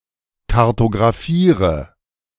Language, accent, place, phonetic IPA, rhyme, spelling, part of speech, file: German, Germany, Berlin, [kaʁtoɡʁaˈfiːʁə], -iːʁə, kartografiere, verb, De-kartografiere.ogg
- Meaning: inflection of kartografieren: 1. first-person singular present 2. first/third-person singular subjunctive I 3. singular imperative